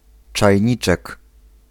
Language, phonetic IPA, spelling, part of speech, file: Polish, [t͡ʃajˈɲit͡ʃɛk], czajniczek, noun, Pl-czajniczek.ogg